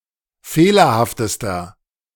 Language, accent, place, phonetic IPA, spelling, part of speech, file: German, Germany, Berlin, [ˈfeːlɐhaftəstɐ], fehlerhaftester, adjective, De-fehlerhaftester.ogg
- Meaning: inflection of fehlerhaft: 1. strong/mixed nominative masculine singular superlative degree 2. strong genitive/dative feminine singular superlative degree 3. strong genitive plural superlative degree